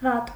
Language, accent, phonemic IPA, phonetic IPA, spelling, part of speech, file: Armenian, Eastern Armenian, /vɑt/, [vɑt], վատ, adjective / adverb, Hy-վատ.ogg
- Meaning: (adjective) 1. bad 2. fainthearted, cowardly; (adverb) badly